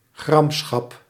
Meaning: ire, anger, wrath
- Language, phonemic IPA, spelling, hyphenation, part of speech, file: Dutch, /ˈɣrɑm.sxɑp/, gramschap, gram‧schap, noun, Nl-gramschap.ogg